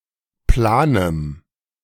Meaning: strong dative masculine/neuter singular of plan
- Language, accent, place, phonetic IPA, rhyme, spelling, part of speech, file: German, Germany, Berlin, [ˈplaːnəm], -aːnəm, planem, adjective, De-planem.ogg